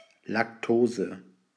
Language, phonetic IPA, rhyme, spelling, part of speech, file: German, [lakˈtoːzə], -oːzə, Lactose, noun, De-Lactose.ogg
- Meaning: alternative spelling of Laktose